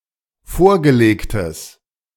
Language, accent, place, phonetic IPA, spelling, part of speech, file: German, Germany, Berlin, [ˈfoːɐ̯ɡəˌleːktəs], vorgelegtes, adjective, De-vorgelegtes.ogg
- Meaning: strong/mixed nominative/accusative neuter singular of vorgelegt